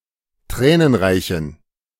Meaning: inflection of tränenreich: 1. strong genitive masculine/neuter singular 2. weak/mixed genitive/dative all-gender singular 3. strong/weak/mixed accusative masculine singular 4. strong dative plural
- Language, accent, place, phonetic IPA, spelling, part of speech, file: German, Germany, Berlin, [ˈtʁɛːnənˌʁaɪ̯çn̩], tränenreichen, adjective, De-tränenreichen.ogg